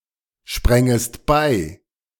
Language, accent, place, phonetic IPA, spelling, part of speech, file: German, Germany, Berlin, [ˌʃpʁɛŋəst ˈbaɪ̯], sprängest bei, verb, De-sprängest bei.ogg
- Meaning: second-person singular subjunctive II of beispringen